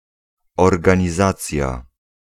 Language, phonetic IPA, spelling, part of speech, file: Polish, [ˌɔrɡãɲiˈzat͡sʲja], organizacja, noun, Pl-organizacja.ogg